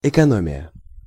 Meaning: economy, saving (frugal use of resources)
- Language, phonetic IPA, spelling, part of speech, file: Russian, [ɪkɐˈnomʲɪjə], экономия, noun, Ru-экономия.ogg